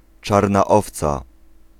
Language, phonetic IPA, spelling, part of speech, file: Polish, [ˈt͡ʃarna ˈɔft͡sa], czarna owca, noun, Pl-czarna owca.ogg